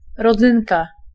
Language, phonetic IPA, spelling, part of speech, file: Polish, [rɔˈd͡zɨ̃nka], rodzynka, noun, Pl-rodzynka.ogg